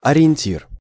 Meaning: 1. reference point 2. guideline 3. orientator
- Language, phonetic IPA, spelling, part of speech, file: Russian, [ɐrʲɪ(j)ɪnʲˈtʲir], ориентир, noun, Ru-ориентир.ogg